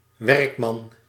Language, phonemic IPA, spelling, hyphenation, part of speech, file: Dutch, /ˈʋɛrk.mɑn/, werkman, werk‧man, noun, Nl-werkman.ogg
- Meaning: 1. workman, (employed) working man; commoner 2. worker, laborer